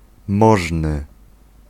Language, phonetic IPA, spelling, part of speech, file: Polish, [ˈmɔʒnɨ], możny, adjective / noun, Pl-możny.ogg